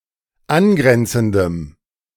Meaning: strong dative masculine/neuter singular of angrenzend
- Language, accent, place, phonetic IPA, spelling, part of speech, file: German, Germany, Berlin, [ˈanˌɡʁɛnt͡sn̩dəm], angrenzendem, adjective, De-angrenzendem.ogg